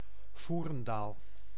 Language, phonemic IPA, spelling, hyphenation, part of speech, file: Dutch, /ˈvuː.rənˌdaːl/, Voerendaal, Voe‧ren‧daal, proper noun, Nl-Voerendaal.ogg
- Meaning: a village and municipality of Limburg, Netherlands